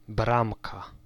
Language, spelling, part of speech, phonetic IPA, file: Polish, bramka, noun, [ˈbrãmka], Pl-bramka.ogg